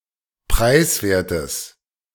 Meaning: strong/mixed nominative/accusative neuter singular of preiswert
- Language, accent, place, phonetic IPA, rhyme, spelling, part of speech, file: German, Germany, Berlin, [ˈpʁaɪ̯sˌveːɐ̯təs], -aɪ̯sveːɐ̯təs, preiswertes, adjective, De-preiswertes.ogg